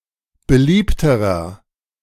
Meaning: inflection of beliebt: 1. strong/mixed nominative masculine singular comparative degree 2. strong genitive/dative feminine singular comparative degree 3. strong genitive plural comparative degree
- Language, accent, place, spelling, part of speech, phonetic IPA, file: German, Germany, Berlin, beliebterer, adjective, [bəˈliːptəʁɐ], De-beliebterer.ogg